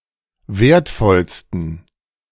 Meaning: 1. superlative degree of wertvoll 2. inflection of wertvoll: strong genitive masculine/neuter singular superlative degree
- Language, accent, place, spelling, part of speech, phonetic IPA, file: German, Germany, Berlin, wertvollsten, adjective, [ˈveːɐ̯tˌfɔlstn̩], De-wertvollsten.ogg